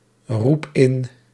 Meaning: inflection of inroepen: 1. first-person singular present indicative 2. second-person singular present indicative 3. imperative
- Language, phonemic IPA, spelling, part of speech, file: Dutch, /ˈrup ˈɪn/, roep in, verb, Nl-roep in.ogg